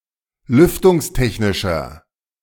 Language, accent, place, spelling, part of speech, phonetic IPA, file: German, Germany, Berlin, lüftungstechnischer, adjective, [ˈlʏftʊŋsˌtɛçnɪʃɐ], De-lüftungstechnischer.ogg
- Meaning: inflection of lüftungstechnisch: 1. strong/mixed nominative masculine singular 2. strong genitive/dative feminine singular 3. strong genitive plural